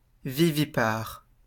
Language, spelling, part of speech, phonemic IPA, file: French, vivipare, adjective, /vi.vi.paʁ/, LL-Q150 (fra)-vivipare.wav
- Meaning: viviparous